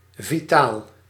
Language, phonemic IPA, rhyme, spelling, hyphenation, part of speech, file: Dutch, /viˈtaːl/, -aːl, vitaal, vi‧taal, adjective, Nl-vitaal.ogg
- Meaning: 1. vital, lively 2. vital, vitally important, essential